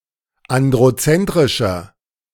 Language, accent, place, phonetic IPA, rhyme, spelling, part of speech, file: German, Germany, Berlin, [ˌandʁoˈt͡sɛntʁɪʃɐ], -ɛntʁɪʃɐ, androzentrischer, adjective, De-androzentrischer.ogg
- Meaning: 1. comparative degree of androzentrisch 2. inflection of androzentrisch: strong/mixed nominative masculine singular 3. inflection of androzentrisch: strong genitive/dative feminine singular